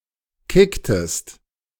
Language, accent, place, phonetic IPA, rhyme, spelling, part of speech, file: German, Germany, Berlin, [ˈkɪktəst], -ɪktəst, kicktest, verb, De-kicktest.ogg
- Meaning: inflection of kicken: 1. second-person singular preterite 2. second-person singular subjunctive II